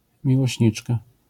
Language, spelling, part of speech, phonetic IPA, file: Polish, miłośniczka, noun, [ˌmʲiwɔɕˈɲit͡ʃka], LL-Q809 (pol)-miłośniczka.wav